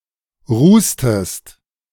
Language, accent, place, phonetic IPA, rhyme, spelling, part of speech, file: German, Germany, Berlin, [ˈʁuːstəst], -uːstəst, rußtest, verb, De-rußtest.ogg
- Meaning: inflection of rußen: 1. second-person singular preterite 2. second-person singular subjunctive II